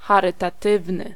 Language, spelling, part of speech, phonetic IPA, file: Polish, charytatywny, adjective, [ˌxarɨtaˈtɨvnɨ], Pl-charytatywny.ogg